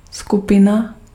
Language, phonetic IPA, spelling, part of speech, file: Czech, [ˈskupɪna], skupina, noun, Cs-skupina.ogg
- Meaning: 1. group 2. troop (group of people) 3. moiety (a specific segment of a molecule)